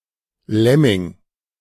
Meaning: lemming
- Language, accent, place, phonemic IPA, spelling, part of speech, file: German, Germany, Berlin, /ˈlɛmɪŋ/, Lemming, noun, De-Lemming.ogg